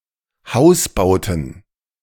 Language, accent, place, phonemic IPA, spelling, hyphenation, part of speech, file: German, Germany, Berlin, /ˈhaʊ̯sˌbaʊ̯tn̩/, Hausbauten, Haus‧bau‧ten, noun, De-Hausbauten.ogg
- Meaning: plural of Hausbau